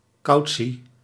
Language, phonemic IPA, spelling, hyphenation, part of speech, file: Dutch, /ˈkɑu̯.(t)si/, cautie, cau‧tie, noun, Nl-cautie.ogg
- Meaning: 1. a statement of one's rights during interrogation by law enforcement 2. bail, security, guarantee